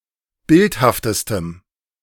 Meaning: strong dative masculine/neuter singular superlative degree of bildhaft
- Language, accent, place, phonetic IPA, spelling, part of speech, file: German, Germany, Berlin, [ˈbɪlthaftəstəm], bildhaftestem, adjective, De-bildhaftestem.ogg